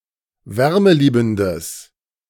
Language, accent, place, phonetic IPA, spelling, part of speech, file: German, Germany, Berlin, [ˈvɛʁməˌliːbn̩dəs], wärmeliebendes, adjective, De-wärmeliebendes.ogg
- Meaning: strong/mixed nominative/accusative neuter singular of wärmeliebend